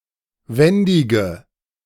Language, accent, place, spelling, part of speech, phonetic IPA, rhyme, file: German, Germany, Berlin, wendige, adjective, [ˈvɛndɪɡə], -ɛndɪɡə, De-wendige.ogg
- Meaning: inflection of wendig: 1. strong/mixed nominative/accusative feminine singular 2. strong nominative/accusative plural 3. weak nominative all-gender singular 4. weak accusative feminine/neuter singular